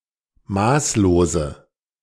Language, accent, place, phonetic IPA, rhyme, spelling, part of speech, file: German, Germany, Berlin, [ˈmaːsloːzə], -aːsloːzə, maßlose, adjective, De-maßlose.ogg
- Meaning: inflection of maßlos: 1. strong/mixed nominative/accusative feminine singular 2. strong nominative/accusative plural 3. weak nominative all-gender singular 4. weak accusative feminine/neuter singular